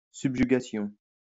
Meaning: subjugation
- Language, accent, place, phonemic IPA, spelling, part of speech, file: French, France, Lyon, /syb.ʒy.ɡa.sjɔ̃/, subjugation, noun, LL-Q150 (fra)-subjugation.wav